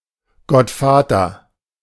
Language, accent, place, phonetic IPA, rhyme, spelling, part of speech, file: German, Germany, Berlin, [ɡɔtˈfaːtɐ], -aːtɐ, Gottvater, noun, De-Gottvater.ogg
- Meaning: God the Father, as the first person of Trinity